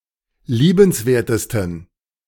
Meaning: 1. superlative degree of liebenswert 2. inflection of liebenswert: strong genitive masculine/neuter singular superlative degree
- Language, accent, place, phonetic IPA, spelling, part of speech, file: German, Germany, Berlin, [ˈliːbənsˌveːɐ̯təstn̩], liebenswertesten, adjective, De-liebenswertesten.ogg